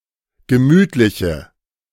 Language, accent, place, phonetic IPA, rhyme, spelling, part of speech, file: German, Germany, Berlin, [ɡəˈmyːtlɪçə], -yːtlɪçə, gemütliche, adjective, De-gemütliche.ogg
- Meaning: inflection of gemütlich: 1. strong/mixed nominative/accusative feminine singular 2. strong nominative/accusative plural 3. weak nominative all-gender singular